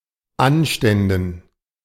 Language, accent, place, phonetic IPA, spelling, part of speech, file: German, Germany, Berlin, [ˈanʃtɛndn̩], Anständen, noun, De-Anständen.ogg
- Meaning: dative plural of Anstand